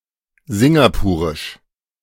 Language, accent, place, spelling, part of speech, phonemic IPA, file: German, Germany, Berlin, singapurisch, adjective, /zɪŋɡaˈpuːʁɪʃ/, De-singapurisch.ogg
- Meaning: Singaporean